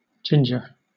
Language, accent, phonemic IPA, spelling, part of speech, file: English, Southern England, /ˈdʒɪndʒə/, ginger, noun / adjective / verb / adverb, LL-Q1860 (eng)-ginger.wav
- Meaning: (noun) 1. The pungent aromatic rhizome of a tropical Asian herb, Zingiber officinale, used as a spice and as a stimulant and acarminative 2. The plant that produces this rhizome